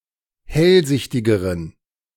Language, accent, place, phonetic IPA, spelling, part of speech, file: German, Germany, Berlin, [ˈhɛlˌzɪçtɪɡəʁən], hellsichtigeren, adjective, De-hellsichtigeren.ogg
- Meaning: inflection of hellsichtig: 1. strong genitive masculine/neuter singular comparative degree 2. weak/mixed genitive/dative all-gender singular comparative degree